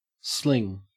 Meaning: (verb) 1. To throw with a circular or arcing motion 2. To throw with a sling 3. To pass a rope around (a cask, gun, etc.) preparatory to attaching a hoisting or lowering tackle
- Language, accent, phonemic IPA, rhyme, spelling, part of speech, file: English, Australia, /ˈslɪŋ/, -ɪŋ, sling, verb / noun, En-au-sling.ogg